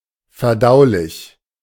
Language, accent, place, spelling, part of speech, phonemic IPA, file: German, Germany, Berlin, verdaulich, adjective, /fɛɐ̯.ˈdaʊ.lɪç/, De-verdaulich.ogg
- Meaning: digestible